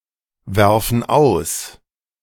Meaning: inflection of auswerfen: 1. first/third-person plural present 2. first/third-person plural subjunctive I
- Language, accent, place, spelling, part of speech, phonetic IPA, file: German, Germany, Berlin, werfen aus, verb, [ˌvɛʁfn̩ ˈaʊ̯s], De-werfen aus.ogg